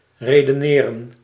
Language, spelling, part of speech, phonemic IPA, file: Dutch, redeneren, verb, /reːdəˈneːrə(n)/, Nl-redeneren.ogg
- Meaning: 1. to reason 2. to speak